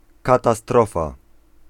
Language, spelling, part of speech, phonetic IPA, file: Polish, katastrofa, noun, [ˌkataˈstrɔfa], Pl-katastrofa.ogg